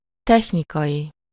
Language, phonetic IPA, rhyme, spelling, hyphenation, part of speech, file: Hungarian, [ˈtɛxnikɒji], -ji, technikai, tech‧ni‧kai, adjective, Hu-technikai.ogg
- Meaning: technical